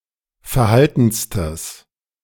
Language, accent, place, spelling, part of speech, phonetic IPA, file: German, Germany, Berlin, verhaltenstes, adjective, [fɛɐ̯ˈhaltn̩stəs], De-verhaltenstes.ogg
- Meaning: strong/mixed nominative/accusative neuter singular superlative degree of verhalten